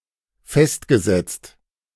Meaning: past participle of festsetzen
- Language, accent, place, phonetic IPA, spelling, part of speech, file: German, Germany, Berlin, [ˈfɛstɡəˌzɛt͡st], festgesetzt, verb, De-festgesetzt.ogg